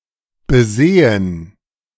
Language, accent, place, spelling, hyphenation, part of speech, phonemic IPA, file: German, Germany, Berlin, besehen, be‧se‧hen, verb, /bəˈzeːən/, De-besehen.ogg
- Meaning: to look at, to examine